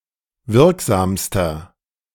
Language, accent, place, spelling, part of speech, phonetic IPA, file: German, Germany, Berlin, wirksamster, adjective, [ˈvɪʁkˌzaːmstɐ], De-wirksamster.ogg
- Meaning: inflection of wirksam: 1. strong/mixed nominative masculine singular superlative degree 2. strong genitive/dative feminine singular superlative degree 3. strong genitive plural superlative degree